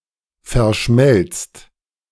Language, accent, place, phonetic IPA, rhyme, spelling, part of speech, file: German, Germany, Berlin, [fɛɐ̯ˈʃmɛlt͡st], -ɛlt͡st, verschmelzt, verb, De-verschmelzt.ogg
- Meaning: inflection of verschmelzen: 1. second-person plural present 2. plural imperative